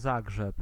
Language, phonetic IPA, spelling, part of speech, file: Polish, [ˈzaɡʒɛp], Zagrzeb, proper noun, Pl-Zagrzeb.ogg